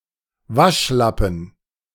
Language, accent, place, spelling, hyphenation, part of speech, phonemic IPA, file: German, Germany, Berlin, Waschlappen, Wasch‧lap‧pen, noun, /ˈvaʃˌlapn̩/, De-Waschlappen.ogg
- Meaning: 1. flannel, washcloth 2. pansy, sissy